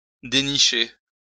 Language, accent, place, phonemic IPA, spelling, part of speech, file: French, France, Lyon, /de.ni.ʃe/, dénicher, verb, LL-Q150 (fra)-dénicher.wav
- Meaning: 1. to scare up 2. to hunt out, to track down 3. to dig out, to unearth